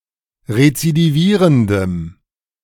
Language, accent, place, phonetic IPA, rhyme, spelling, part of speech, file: German, Germany, Berlin, [ʁet͡sidiˈviːʁəndəm], -iːʁəndəm, rezidivierendem, adjective, De-rezidivierendem.ogg
- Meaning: strong dative masculine/neuter singular of rezidivierend